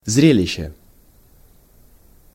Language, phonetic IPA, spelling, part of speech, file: Russian, [ˈzrʲelʲɪɕːə], зрелище, noun, Ru-зрелище.ogg
- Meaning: spectacle, show (something exhibited to view)